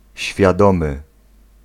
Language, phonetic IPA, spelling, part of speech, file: Polish, [ɕfʲjaˈdɔ̃mɨ], świadomy, adjective, Pl-świadomy.ogg